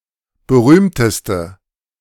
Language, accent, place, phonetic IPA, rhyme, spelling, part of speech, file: German, Germany, Berlin, [bəˈʁyːmtəstə], -yːmtəstə, berühmteste, adjective, De-berühmteste.ogg
- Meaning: inflection of berühmt: 1. strong/mixed nominative/accusative feminine singular superlative degree 2. strong nominative/accusative plural superlative degree